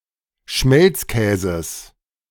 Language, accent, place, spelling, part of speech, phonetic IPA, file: German, Germany, Berlin, Schmelzkäses, noun, [ˈʃmɛlt͡sˌkɛːzəs], De-Schmelzkäses.ogg
- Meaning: genitive singular of Schmelzkäse